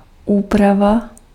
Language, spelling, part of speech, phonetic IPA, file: Czech, úprava, noun, [ˈuːprava], Cs-úprava.ogg
- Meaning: modification